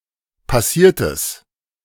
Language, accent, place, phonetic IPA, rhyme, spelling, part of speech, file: German, Germany, Berlin, [paˈsiːɐ̯təs], -iːɐ̯təs, passiertes, adjective, De-passiertes.ogg
- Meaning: strong/mixed nominative/accusative neuter singular of passiert